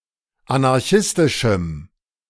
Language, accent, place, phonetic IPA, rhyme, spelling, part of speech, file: German, Germany, Berlin, [anaʁˈçɪstɪʃm̩], -ɪstɪʃm̩, anarchistischem, adjective, De-anarchistischem.ogg
- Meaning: strong dative masculine/neuter singular of anarchistisch